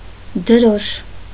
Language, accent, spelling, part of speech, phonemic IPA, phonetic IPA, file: Armenian, Eastern Armenian, դրոշ, noun, /dəˈɾoʃ/, [dəɾóʃ], Hy-դրոշ.ogg
- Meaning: flag